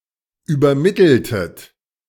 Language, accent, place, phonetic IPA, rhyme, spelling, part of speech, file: German, Germany, Berlin, [yːbɐˈmɪtl̩tət], -ɪtl̩tət, übermitteltet, verb, De-übermitteltet.ogg
- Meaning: inflection of übermitteln: 1. second-person plural preterite 2. second-person plural subjunctive II